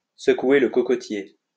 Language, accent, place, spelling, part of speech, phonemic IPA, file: French, France, Lyon, secouer le cocotier, verb, /sə.kwe l(ə) kɔ.kɔ.tje/, LL-Q150 (fra)-secouer le cocotier.wav
- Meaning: 1. to cut out the dead wood, to clean house (to get rid of personnel that are unproductive, to get rid of the old to make room for the new) 2. to shake things up